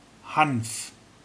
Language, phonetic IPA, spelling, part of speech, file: German, [haɱf], Hanf, noun / proper noun, De-Hanf.ogg
- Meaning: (noun) 1. hemp 2. hemp as a drug or medical substance; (proper noun) a surname